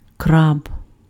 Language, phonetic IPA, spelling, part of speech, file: Ukrainian, [krab], краб, noun, Uk-краб.ogg
- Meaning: crab